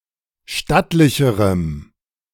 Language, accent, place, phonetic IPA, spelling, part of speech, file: German, Germany, Berlin, [ˈʃtatlɪçəʁəm], stattlicherem, adjective, De-stattlicherem.ogg
- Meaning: strong dative masculine/neuter singular comparative degree of stattlich